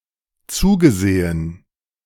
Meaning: past participle of zusehen
- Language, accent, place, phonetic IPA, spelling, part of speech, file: German, Germany, Berlin, [ˈt͡suːɡəˌzeːən], zugesehen, verb, De-zugesehen.ogg